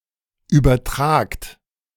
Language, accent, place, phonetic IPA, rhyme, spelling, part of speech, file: German, Germany, Berlin, [ˌyːbɐˈtʁaːkt], -aːkt, übertragt, verb, De-übertragt.ogg
- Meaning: inflection of übertragen: 1. second-person plural present 2. plural imperative